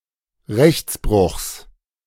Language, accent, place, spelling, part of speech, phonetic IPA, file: German, Germany, Berlin, Rechtsbruchs, noun, [ˈʁɛçt͡sˌbʁʊxs], De-Rechtsbruchs.ogg
- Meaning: genitive singular of Rechtsbruch